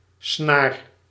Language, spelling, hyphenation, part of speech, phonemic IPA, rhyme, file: Dutch, snaar, snaar, noun, /snaːr/, -aːr, Nl-snaar.ogg
- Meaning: string